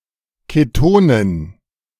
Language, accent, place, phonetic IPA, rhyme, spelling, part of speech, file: German, Germany, Berlin, [keˈtoːnən], -oːnən, Ketonen, noun, De-Ketonen.ogg
- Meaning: dative plural of Keton